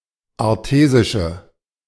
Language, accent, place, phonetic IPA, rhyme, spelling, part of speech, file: German, Germany, Berlin, [aʁˈteːzɪʃə], -eːzɪʃə, artesische, adjective, De-artesische.ogg
- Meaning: inflection of artesisch: 1. strong/mixed nominative/accusative feminine singular 2. strong nominative/accusative plural 3. weak nominative all-gender singular